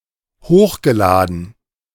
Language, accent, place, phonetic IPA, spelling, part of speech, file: German, Germany, Berlin, [ˈhoːxɡəˌlaːdn̩], hochgeladen, verb, De-hochgeladen.ogg
- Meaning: past participle of hochladen